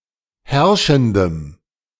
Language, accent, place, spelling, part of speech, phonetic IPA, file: German, Germany, Berlin, herrschendem, adjective, [ˈhɛʁʃn̩dəm], De-herrschendem.ogg
- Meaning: strong dative masculine/neuter singular of herrschend